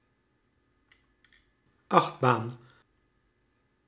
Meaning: rollercoaster
- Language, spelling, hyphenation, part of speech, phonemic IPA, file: Dutch, achtbaan, acht‧baan, noun, /ˈɑxt.baːn/, Nl-achtbaan.ogg